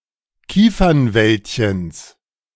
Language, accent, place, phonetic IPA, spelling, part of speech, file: German, Germany, Berlin, [ˈkiːfɐnˌvɛltçəns], Kiefernwäldchens, noun, De-Kiefernwäldchens.ogg
- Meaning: genitive singular of Kiefernwäldchen